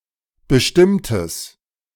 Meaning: strong/mixed nominative/accusative neuter singular of bestimmt
- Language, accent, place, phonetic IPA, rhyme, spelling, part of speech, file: German, Germany, Berlin, [bəˈʃtɪmtəs], -ɪmtəs, bestimmtes, adjective, De-bestimmtes.ogg